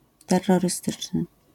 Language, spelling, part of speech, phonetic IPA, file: Polish, terrorystyczny, adjective, [ˌtɛrːɔrɨˈstɨt͡ʃnɨ], LL-Q809 (pol)-terrorystyczny.wav